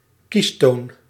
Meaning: dialling tone, dial tone
- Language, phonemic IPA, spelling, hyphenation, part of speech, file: Dutch, /ˈkis.toːn/, kiestoon, kies‧toon, noun, Nl-kiestoon.ogg